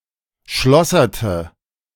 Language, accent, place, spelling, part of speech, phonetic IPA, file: German, Germany, Berlin, schlosserte, verb, [ˈʃlɔsɐtə], De-schlosserte.ogg
- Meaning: inflection of schlossern: 1. first/third-person singular preterite 2. first/third-person singular subjunctive II